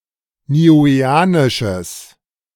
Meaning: strong/mixed nominative/accusative neuter singular of niueanisch
- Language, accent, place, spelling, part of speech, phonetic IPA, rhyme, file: German, Germany, Berlin, niueanisches, adjective, [niːˌuːeːˈaːnɪʃəs], -aːnɪʃəs, De-niueanisches.ogg